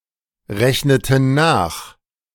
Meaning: inflection of nachrechnen: 1. first/third-person plural preterite 2. first/third-person plural subjunctive II
- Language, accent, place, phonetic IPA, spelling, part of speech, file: German, Germany, Berlin, [ˌʁɛçnətn̩ ˈnaːx], rechneten nach, verb, De-rechneten nach.ogg